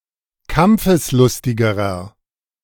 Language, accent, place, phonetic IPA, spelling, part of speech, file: German, Germany, Berlin, [ˈkamp͡fəsˌlʊstɪɡəʁɐ], kampfeslustigerer, adjective, De-kampfeslustigerer.ogg
- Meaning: inflection of kampfeslustig: 1. strong/mixed nominative masculine singular comparative degree 2. strong genitive/dative feminine singular comparative degree